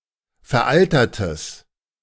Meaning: strong/mixed nominative/accusative neuter singular of veraltert
- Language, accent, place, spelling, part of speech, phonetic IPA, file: German, Germany, Berlin, veraltertes, adjective, [fɛɐ̯ˈʔaltɐtəs], De-veraltertes.ogg